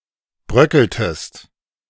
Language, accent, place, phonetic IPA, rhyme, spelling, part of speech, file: German, Germany, Berlin, [ˈbʁœkl̩təst], -œkl̩təst, bröckeltest, verb, De-bröckeltest.ogg
- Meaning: inflection of bröckeln: 1. second-person singular preterite 2. second-person singular subjunctive II